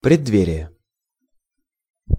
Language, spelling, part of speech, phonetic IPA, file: Russian, преддверие, noun, [prʲɪdːˈvʲerʲɪje], Ru-преддверие.ogg
- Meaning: threshold